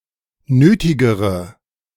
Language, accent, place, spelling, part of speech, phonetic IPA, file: German, Germany, Berlin, nötigere, adjective, [ˈnøːtɪɡəʁə], De-nötigere.ogg
- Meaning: inflection of nötig: 1. strong/mixed nominative/accusative feminine singular comparative degree 2. strong nominative/accusative plural comparative degree